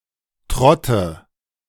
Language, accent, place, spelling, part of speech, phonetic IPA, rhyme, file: German, Germany, Berlin, trotte, verb, [ˈtʁɔtə], -ɔtə, De-trotte.ogg
- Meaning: inflection of trotten: 1. first-person singular present 2. first/third-person singular subjunctive I 3. singular imperative